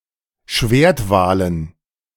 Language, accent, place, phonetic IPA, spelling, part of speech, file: German, Germany, Berlin, [ˈʃveːɐ̯tˌvaːlən], Schwertwalen, noun, De-Schwertwalen.ogg
- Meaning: dative plural of Schwertwal